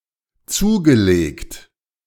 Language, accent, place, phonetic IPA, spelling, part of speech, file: German, Germany, Berlin, [ˈt͡suːɡəˌleːkt], zugelegt, verb, De-zugelegt.ogg
- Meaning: past participle of zulegen